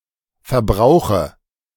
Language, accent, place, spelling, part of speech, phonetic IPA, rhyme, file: German, Germany, Berlin, Verbrauche, noun, [fɛɐ̯ˈbʁaʊ̯xə], -aʊ̯xə, De-Verbrauche.ogg
- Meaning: dative singular of Verbrauch